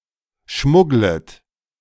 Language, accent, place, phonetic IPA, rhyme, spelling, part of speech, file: German, Germany, Berlin, [ˈʃmʊɡlət], -ʊɡlət, schmugglet, verb, De-schmugglet.ogg
- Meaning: second-person plural subjunctive I of schmuggeln